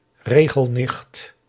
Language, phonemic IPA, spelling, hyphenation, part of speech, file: Dutch, /ˈreː.ɣəlˌnɪxt/, regelnicht, re‧gel‧nicht, noun, Nl-regelnicht.ogg
- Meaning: petty, rules-obsessed woman, e.g. a woman trying to keep everything under control